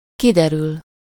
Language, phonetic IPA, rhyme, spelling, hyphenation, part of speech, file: Hungarian, [ˈkidɛryl], -yl, kiderül, ki‧de‧rül, verb, Hu-kiderül.ogg
- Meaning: 1. to turn out (to become apparent or known) 2. to clear up